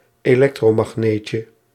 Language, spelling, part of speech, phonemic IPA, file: Dutch, elektromagneetje, noun, /eˈlɛktromɑxˌnecə/, Nl-elektromagneetje.ogg
- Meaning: diminutive of elektromagneet